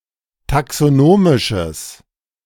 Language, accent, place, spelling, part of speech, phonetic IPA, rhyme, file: German, Germany, Berlin, taxonomisches, adjective, [taksoˈnoːmɪʃəs], -oːmɪʃəs, De-taxonomisches.ogg
- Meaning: strong/mixed nominative/accusative neuter singular of taxonomisch